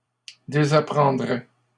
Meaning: third-person singular conditional of désapprendre
- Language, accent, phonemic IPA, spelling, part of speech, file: French, Canada, /de.za.pʁɑ̃.dʁɛ/, désapprendrait, verb, LL-Q150 (fra)-désapprendrait.wav